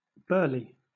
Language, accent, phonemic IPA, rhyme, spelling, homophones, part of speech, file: English, Southern England, /ˈbɜː(ɹ)li/, -ɜː(ɹ)li, burley, burly / Burley / Burleigh, noun, LL-Q1860 (eng)-burley.wav
- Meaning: 1. A tobacco grown mainly in Kentucky, used in making cigarettes 2. Blood and offal used by fishermen to attract fish